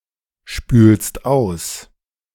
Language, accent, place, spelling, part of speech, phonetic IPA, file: German, Germany, Berlin, spülst aus, verb, [ˌʃpyːlst ˈaʊ̯s], De-spülst aus.ogg
- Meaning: second-person singular present of ausspülen